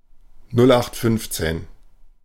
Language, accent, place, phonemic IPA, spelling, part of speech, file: German, Germany, Berlin, /ˈnʊlˌʔaxtˈfʏnft͡seːn/, nullachtfünfzehn, adjective, De-nullachtfünfzehn.ogg
- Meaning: standard-issue, garden variety, cookie-cutter, bog-standard